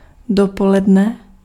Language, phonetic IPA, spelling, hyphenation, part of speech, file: Czech, [ˈdopolɛdnɛ], dopoledne, do‧po‧led‧ne, noun / adverb, Cs-dopoledne.ogg
- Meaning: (noun) late morning, forenoon; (adverb) during late morning